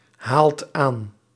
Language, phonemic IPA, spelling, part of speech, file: Dutch, /ˈhalt ˈan/, haalt aan, verb, Nl-haalt aan.ogg
- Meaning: inflection of aanhalen: 1. second/third-person singular present indicative 2. plural imperative